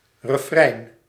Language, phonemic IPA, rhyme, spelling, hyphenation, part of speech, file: Dutch, /rəˈfrɛi̯n/, -ɛi̯n, refrein, re‧frein, noun, Nl-refrein.ogg
- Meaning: a refrain, a chorus